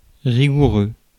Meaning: rigorous
- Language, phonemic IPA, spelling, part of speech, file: French, /ʁi.ɡu.ʁø/, rigoureux, adjective, Fr-rigoureux.ogg